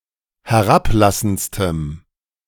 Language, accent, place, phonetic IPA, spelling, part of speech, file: German, Germany, Berlin, [hɛˈʁapˌlasn̩t͡stəm], herablassendstem, adjective, De-herablassendstem.ogg
- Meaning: strong dative masculine/neuter singular superlative degree of herablassend